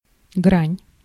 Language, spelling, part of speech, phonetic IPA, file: Russian, грань, noun, [ɡranʲ], Ru-грань.ogg
- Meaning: 1. facet, side (of an object with flat, sharply defined surfaces) 2. face (of a polyhedron) 3. border, verge, brink, edge 4. bound (upper or lower)